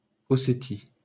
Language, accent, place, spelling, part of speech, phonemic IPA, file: French, France, Paris, Ossétie, proper noun, /ɔ.se.ti/, LL-Q150 (fra)-Ossétie.wav
- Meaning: Ossetia, a Caucasian region, ancestral home of the Ossetic culture